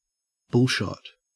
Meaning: 1. A cocktail made from vodka and beef bouillon 2. A phony screenshot created for promotional purposes
- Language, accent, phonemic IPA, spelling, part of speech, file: English, Australia, /ˈbʊlʃɒt/, bullshot, noun, En-au-bullshot.ogg